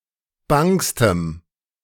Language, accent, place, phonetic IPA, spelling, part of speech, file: German, Germany, Berlin, [ˈbaŋstəm], bangstem, adjective, De-bangstem.ogg
- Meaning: strong dative masculine/neuter singular superlative degree of bang